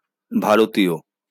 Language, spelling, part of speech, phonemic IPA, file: Bengali, ভারতীয়, adjective / noun, /bʱa.ɹo.t̪i̯o/, LL-Q9610 (ben)-ভারতীয়.wav
- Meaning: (adjective) Indian (of or relating to the country of India or the Indian subcontinent); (noun) Indian (person from India)